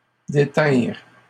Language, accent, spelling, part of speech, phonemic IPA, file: French, Canada, détinrent, verb, /de.tɛ̃ʁ/, LL-Q150 (fra)-détinrent.wav
- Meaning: third-person plural past historic of détenir